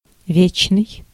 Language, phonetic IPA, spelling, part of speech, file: Russian, [ˈvʲet͡ɕnɨj], вечный, adjective, Ru-вечный.ogg
- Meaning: 1. eternal, everlasting 2. perpetual